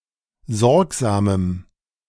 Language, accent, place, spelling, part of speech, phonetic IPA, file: German, Germany, Berlin, sorgsamem, adjective, [ˈzɔʁkzaːməm], De-sorgsamem.ogg
- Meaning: strong dative masculine/neuter singular of sorgsam